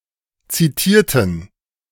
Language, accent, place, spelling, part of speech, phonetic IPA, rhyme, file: German, Germany, Berlin, zitierten, adjective / verb, [ˌt͡siˈtiːɐ̯tn̩], -iːɐ̯tn̩, De-zitierten.ogg
- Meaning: inflection of zitieren: 1. first/third-person plural preterite 2. first/third-person plural subjunctive II